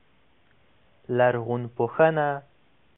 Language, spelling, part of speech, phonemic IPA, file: Pashto, لرغونپوهنه, noun, /lərˈɣunˈpoˈhəˈna/, Ps-لرغونپوهنه.oga
- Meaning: archaeology